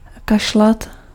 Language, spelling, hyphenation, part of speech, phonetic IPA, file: Czech, kašlat, ka‧š‧lat, verb, [ˈkaʃlat], Cs-kašlat.ogg
- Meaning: 1. to cough 2. to not care